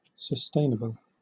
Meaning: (adjective) 1. Able to be sustained 2. Able to be produced or sustained for an indefinite period without damaging the environment, or without depleting a resource; renewable
- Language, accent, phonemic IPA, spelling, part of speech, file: English, Southern England, /səˈsteɪnəbəl/, sustainable, adjective / noun, LL-Q1860 (eng)-sustainable.wav